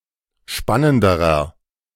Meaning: inflection of spannend: 1. strong/mixed nominative masculine singular comparative degree 2. strong genitive/dative feminine singular comparative degree 3. strong genitive plural comparative degree
- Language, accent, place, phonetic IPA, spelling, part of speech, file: German, Germany, Berlin, [ˈʃpanəndəʁɐ], spannenderer, adjective, De-spannenderer.ogg